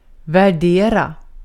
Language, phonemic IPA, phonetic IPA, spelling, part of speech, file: Swedish, /vɛrˈdeːra/, [væˈɖeːra], värdera, verb, Sv-värdera.ogg
- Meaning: 1. to value, to appreciate, to like 2. to value, to assess (determine the value of something)